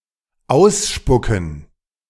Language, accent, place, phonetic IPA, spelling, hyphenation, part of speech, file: German, Germany, Berlin, [ˈaʊ̯sˌʃpʊkn̩], ausspucken, aus‧spu‧cken, verb, De-ausspucken.ogg
- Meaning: 1. to spit out 2. to eject, to dispense 3. to disclose information; to spit it out